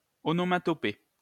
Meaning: onomatopoeia
- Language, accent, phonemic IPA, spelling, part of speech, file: French, France, /ɔ.nɔ.ma.tɔ.pe/, onomatopée, noun, LL-Q150 (fra)-onomatopée.wav